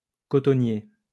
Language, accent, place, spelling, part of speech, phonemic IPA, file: French, France, Lyon, cotonnier, adjective / noun, /kɔ.tɔ.nje/, LL-Q150 (fra)-cotonnier.wav
- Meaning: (adjective) cotton; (noun) 1. cotton (plant) 2. cotton worker